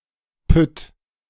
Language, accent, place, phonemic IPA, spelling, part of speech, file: German, Germany, Berlin, /pʏt/, Pütt, noun, De-Pütt.ogg
- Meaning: 1. mine shaft, pit 2. mine